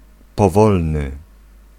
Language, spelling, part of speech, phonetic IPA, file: Polish, powolny, adjective, [pɔˈvɔlnɨ], Pl-powolny.ogg